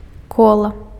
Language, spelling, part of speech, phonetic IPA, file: Belarusian, кола, noun, [ˈkoɫa], Be-кола.ogg
- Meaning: 1. wheel (round simple machine allowing vehicles to move) 2. wheel (simple machine on an axis allowing for rotation) 3. circle (anything round)